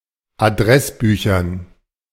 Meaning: dative plural of Adressbuch
- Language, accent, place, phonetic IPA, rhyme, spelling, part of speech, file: German, Germany, Berlin, [aˈdʁɛsˌbyːçɐn], -ɛsbyːçɐn, Adressbüchern, noun, De-Adressbüchern.ogg